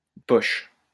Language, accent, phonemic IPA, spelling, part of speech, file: French, France, /də pɔʃ/, de poche, adjective, LL-Q150 (fra)-de poche.wav
- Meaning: 1. pocket 2. pocket-size 3. paperback